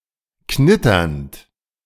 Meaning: present participle of knittern
- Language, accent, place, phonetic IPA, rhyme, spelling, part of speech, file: German, Germany, Berlin, [ˈknɪtɐnt], -ɪtɐnt, knitternd, verb, De-knitternd.ogg